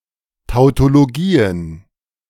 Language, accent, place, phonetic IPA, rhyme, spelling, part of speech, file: German, Germany, Berlin, [ˌtaʊ̯toloˈɡiːən], -iːən, Tautologien, noun, De-Tautologien.ogg
- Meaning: plural of Tautologie